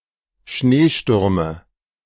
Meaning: nominative/accusative/genitive plural of Schneesturm
- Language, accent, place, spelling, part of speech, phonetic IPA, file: German, Germany, Berlin, Schneestürme, noun, [ˈʃneːˌʃtʏʁmə], De-Schneestürme.ogg